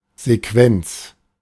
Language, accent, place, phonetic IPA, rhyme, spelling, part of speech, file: German, Germany, Berlin, [zeˈkvɛnt͡s], -ɛnt͡s, Sequenz, noun, De-Sequenz.ogg
- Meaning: sequence (series of musical phrases where a theme or melody is repeated)